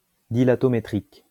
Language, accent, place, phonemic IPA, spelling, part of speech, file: French, France, Lyon, /di.la.tɔ.me.tʁik/, dilatométrique, adjective, LL-Q150 (fra)-dilatométrique.wav
- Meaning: dilatometric